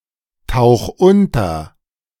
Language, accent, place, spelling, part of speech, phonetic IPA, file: German, Germany, Berlin, tauch unter, verb, [ˌtaʊ̯x ˈʊntɐ], De-tauch unter.ogg
- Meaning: 1. singular imperative of untertauchen 2. first-person singular present of untertauchen